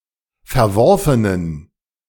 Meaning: inflection of verworfen: 1. strong genitive masculine/neuter singular 2. weak/mixed genitive/dative all-gender singular 3. strong/weak/mixed accusative masculine singular 4. strong dative plural
- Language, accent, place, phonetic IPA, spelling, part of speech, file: German, Germany, Berlin, [fɛɐ̯ˈvɔʁfənən], verworfenen, adjective, De-verworfenen.ogg